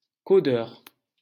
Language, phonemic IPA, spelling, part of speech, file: French, /kɔ.dœʁ/, codeur, noun, LL-Q150 (fra)-codeur.wav
- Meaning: 1. coder (device for coding) 2. coder (computer programmer)